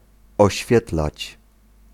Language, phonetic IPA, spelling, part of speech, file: Polish, [ɔɕˈfʲjɛtlat͡ɕ], oświetlać, verb, Pl-oświetlać.ogg